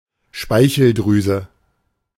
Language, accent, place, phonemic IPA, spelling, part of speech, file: German, Germany, Berlin, /ˈʃpaɪ̯çl̩ˌdʁyːzə/, Speicheldrüse, noun, De-Speicheldrüse.ogg
- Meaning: salivary gland